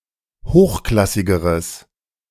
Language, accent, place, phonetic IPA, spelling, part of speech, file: German, Germany, Berlin, [ˈhoːxˌklasɪɡəʁəs], hochklassigeres, adjective, De-hochklassigeres.ogg
- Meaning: strong/mixed nominative/accusative neuter singular comparative degree of hochklassig